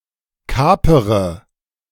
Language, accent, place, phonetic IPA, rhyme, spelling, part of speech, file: German, Germany, Berlin, [ˈkaːpəʁə], -aːpəʁə, kapere, verb, De-kapere.ogg
- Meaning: inflection of kapern: 1. first-person singular present 2. first/third-person singular subjunctive I 3. singular imperative